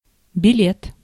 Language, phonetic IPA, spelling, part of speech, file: Russian, [bʲɪˈlʲet], билет, noun, Ru-билет.ogg
- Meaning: 1. ticket (admission to entertainment or transportation) 2. banknote 3. membership card